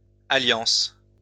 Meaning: plural of alliance
- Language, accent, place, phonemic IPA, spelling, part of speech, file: French, France, Lyon, /a.ljɑ̃s/, alliances, noun, LL-Q150 (fra)-alliances.wav